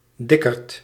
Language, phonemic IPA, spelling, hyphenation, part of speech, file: Dutch, /ˈdɪ.kərt/, dikkerd, dik‧kerd, noun, Nl-dikkerd.ogg
- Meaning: fatty